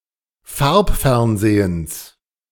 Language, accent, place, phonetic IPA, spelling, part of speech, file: German, Germany, Berlin, [ˈfaʁpˌfɛʁnzeːəns], Farbfernsehens, noun, De-Farbfernsehens.ogg
- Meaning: genitive singular of Farbfernsehen